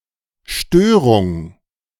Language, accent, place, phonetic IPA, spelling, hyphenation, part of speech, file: German, Germany, Berlin, [ˈʃtøːʁʊŋ], Störung, Stö‧rung, noun, De-Störung.ogg
- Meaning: 1. disturbance, disruption, nuisance, bother 2. dysfunction, disorder